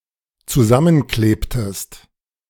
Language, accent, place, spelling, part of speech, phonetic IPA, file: German, Germany, Berlin, zusammenklebtest, verb, [t͡suˈzamənˌkleːptəst], De-zusammenklebtest.ogg
- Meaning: inflection of zusammenkleben: 1. second-person singular dependent preterite 2. second-person singular dependent subjunctive II